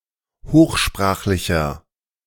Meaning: inflection of hochsprachlich: 1. strong/mixed nominative masculine singular 2. strong genitive/dative feminine singular 3. strong genitive plural
- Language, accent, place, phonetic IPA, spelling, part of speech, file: German, Germany, Berlin, [ˈhoːxˌʃpʁaːxlɪçɐ], hochsprachlicher, adjective, De-hochsprachlicher.ogg